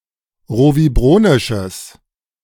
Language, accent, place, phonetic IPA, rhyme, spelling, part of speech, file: German, Germany, Berlin, [ˌʁoviˈbʁoːnɪʃəs], -oːnɪʃəs, rovibronisches, adjective, De-rovibronisches.ogg
- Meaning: strong/mixed nominative/accusative neuter singular of rovibronisch